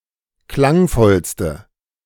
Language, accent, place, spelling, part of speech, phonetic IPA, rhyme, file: German, Germany, Berlin, klangvollste, adjective, [ˈklaŋˌfɔlstə], -aŋfɔlstə, De-klangvollste.ogg
- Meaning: inflection of klangvoll: 1. strong/mixed nominative/accusative feminine singular superlative degree 2. strong nominative/accusative plural superlative degree